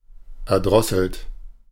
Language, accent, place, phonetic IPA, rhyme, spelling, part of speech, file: German, Germany, Berlin, [ɛɐ̯ˈdʁɔsl̩t], -ɔsl̩t, erdrosselt, verb, De-erdrosselt.ogg
- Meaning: 1. past participle of erdrosseln 2. inflection of erdrosseln: third-person singular present 3. inflection of erdrosseln: second-person plural present 4. inflection of erdrosseln: plural imperative